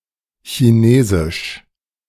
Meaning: Chinese
- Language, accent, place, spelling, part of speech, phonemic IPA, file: German, Germany, Berlin, chinesisch, adjective, /çi.ˈneː.zɪʃ/, De-chinesisch.ogg